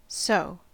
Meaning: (conjunction) 1. Reduced form of 'so that', used to express purpose; in order that 2. As a result; for that reason; therefore; because of this; due to this
- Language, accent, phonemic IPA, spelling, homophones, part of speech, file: English, US, /soʊ/, so, seau / soe / soh / sew, conjunction / adverb / adjective / interjection / pronoun, En-us-so.ogg